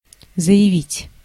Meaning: 1. to declare, to announce 2. to say (of a high-rank person or ironically), to claim, to state 3. to apply (to submit oneself as a candidate) 4. to file
- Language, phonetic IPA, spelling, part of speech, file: Russian, [zə(j)ɪˈvʲitʲ], заявить, verb, Ru-заявить.ogg